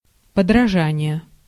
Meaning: imitation (act of imitating)
- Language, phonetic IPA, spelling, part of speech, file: Russian, [pədrɐˈʐanʲɪje], подражание, noun, Ru-подражание.ogg